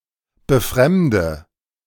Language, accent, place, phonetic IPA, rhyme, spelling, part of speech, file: German, Germany, Berlin, [bəˈfʁɛmdə], -ɛmdə, befremde, verb, De-befremde.ogg
- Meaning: inflection of befremden: 1. first-person singular present 2. first/third-person singular subjunctive I 3. singular imperative